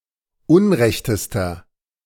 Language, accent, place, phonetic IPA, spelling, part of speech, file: German, Germany, Berlin, [ˈʊnˌʁɛçtəstɐ], unrechtester, adjective, De-unrechtester.ogg
- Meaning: inflection of unrecht: 1. strong/mixed nominative masculine singular superlative degree 2. strong genitive/dative feminine singular superlative degree 3. strong genitive plural superlative degree